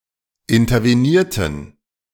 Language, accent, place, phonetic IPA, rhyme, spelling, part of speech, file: German, Germany, Berlin, [ɪntɐveˈniːɐ̯tn̩], -iːɐ̯tn̩, intervenierten, verb, De-intervenierten.ogg
- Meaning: inflection of intervenieren: 1. first/third-person plural preterite 2. first/third-person plural subjunctive II